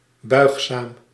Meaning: 1. bendable, flexible 2. compliant
- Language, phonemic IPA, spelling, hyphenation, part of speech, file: Dutch, /ˈbœy̯x.saːm/, buigzaam, buig‧zaam, adjective, Nl-buigzaam.ogg